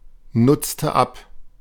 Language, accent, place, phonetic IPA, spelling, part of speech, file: German, Germany, Berlin, [ˌnʊt͡stə ˈap], nutzte ab, verb, De-nutzte ab.ogg
- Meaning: inflection of abnutzen: 1. first/third-person singular preterite 2. first/third-person singular subjunctive II